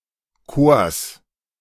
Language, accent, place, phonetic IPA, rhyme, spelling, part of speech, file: German, Germany, Berlin, [koːɐ̯s], -oːɐ̯s, Chors, noun, De-Chors.ogg
- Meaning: genitive singular of Chor